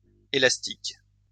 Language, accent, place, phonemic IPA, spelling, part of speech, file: French, France, Lyon, /e.las.tik/, élastiques, adjective, LL-Q150 (fra)-élastiques.wav
- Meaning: plural of élastique